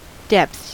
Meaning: 1. plural of depth 2. The deepest part. (Usually of a body of water.) 3. A very remote part 4. The lowest point, all-time low, nadir 5. The most severe or involved period
- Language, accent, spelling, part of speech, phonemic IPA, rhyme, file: English, US, depths, noun, /dɛpθs/, -ɛpθs, En-us-depths.ogg